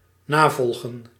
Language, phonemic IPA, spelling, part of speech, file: Dutch, /ˈnaːˌvɔl.ɣə(n)/, navolgen, verb, Nl-navolgen.ogg
- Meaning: to succeed, to come after, to follow (an example)